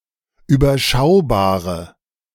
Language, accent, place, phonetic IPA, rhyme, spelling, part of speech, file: German, Germany, Berlin, [yːbɐˈʃaʊ̯baːʁə], -aʊ̯baːʁə, überschaubare, adjective, De-überschaubare.ogg
- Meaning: inflection of überschaubar: 1. strong/mixed nominative/accusative feminine singular 2. strong nominative/accusative plural 3. weak nominative all-gender singular